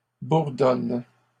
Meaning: inflection of bourdonner: 1. first/third-person singular present indicative/subjunctive 2. second-person singular imperative
- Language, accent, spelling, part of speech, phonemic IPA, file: French, Canada, bourdonne, verb, /buʁ.dɔn/, LL-Q150 (fra)-bourdonne.wav